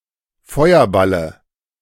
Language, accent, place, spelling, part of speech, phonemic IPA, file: German, Germany, Berlin, Feuerballe, noun, /ˈfɔɪ̯ɐˌbalə/, De-Feuerballe.ogg
- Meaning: dative singular of Feuerball